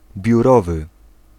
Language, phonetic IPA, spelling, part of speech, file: Polish, [bʲjuˈrɔvɨ], biurowy, adjective, Pl-biurowy.ogg